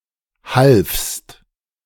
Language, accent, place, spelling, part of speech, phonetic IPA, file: German, Germany, Berlin, halfst, verb, [halfst], De-halfst.ogg
- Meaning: second-person singular preterite of helfen